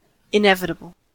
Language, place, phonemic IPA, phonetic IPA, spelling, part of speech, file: English, California, /ɪˈnɛvɪtəbəl/, [ɪˈnɛv.ɪ.ɾə.bɫ̩], inevitable, adjective / noun, En-us-inevitable.ogg
- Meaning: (adjective) 1. Impossible to avoid or prevent 2. Predictable or always happening; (noun) Something that is predictable, necessary, or cannot be avoided